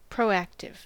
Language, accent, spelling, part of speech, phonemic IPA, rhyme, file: English, US, proactive, adjective, /pɹoʊˈæk.tɪv/, -æktɪv, En-us-proactive.ogg
- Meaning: Acting in advance to deal with an expected change or difficulty